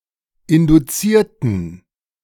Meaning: inflection of induziert: 1. strong genitive masculine/neuter singular 2. weak/mixed genitive/dative all-gender singular 3. strong/weak/mixed accusative masculine singular 4. strong dative plural
- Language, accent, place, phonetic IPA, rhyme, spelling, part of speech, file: German, Germany, Berlin, [ˌɪnduˈt͡siːɐ̯tn̩], -iːɐ̯tn̩, induzierten, adjective / verb, De-induzierten.ogg